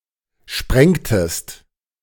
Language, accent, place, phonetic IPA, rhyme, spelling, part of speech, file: German, Germany, Berlin, [ˈʃpʁɛŋtəst], -ɛŋtəst, sprengtest, verb, De-sprengtest.ogg
- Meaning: inflection of sprengen: 1. second-person singular preterite 2. second-person singular subjunctive II